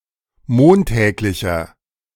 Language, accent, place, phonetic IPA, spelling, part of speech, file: German, Germany, Berlin, [ˈmoːnˌtɛːklɪçɐ], montäglicher, adjective, De-montäglicher.ogg
- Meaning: inflection of montäglich: 1. strong/mixed nominative masculine singular 2. strong genitive/dative feminine singular 3. strong genitive plural